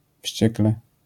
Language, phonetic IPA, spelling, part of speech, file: Polish, [ˈfʲɕt͡ɕɛklɛ], wściekle, adverb, LL-Q809 (pol)-wściekle.wav